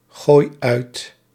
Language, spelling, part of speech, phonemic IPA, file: Dutch, gooi uit, verb, /ˈɣoj ˈœyt/, Nl-gooi uit.ogg
- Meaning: inflection of uitgooien: 1. first-person singular present indicative 2. second-person singular present indicative 3. imperative